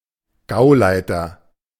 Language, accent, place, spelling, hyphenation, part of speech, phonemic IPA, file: German, Germany, Berlin, Gauleiter, Gau‧lei‧ter, noun, /ˈɡaʊ̯ˌlaɪ̯tɐ/, De-Gauleiter.ogg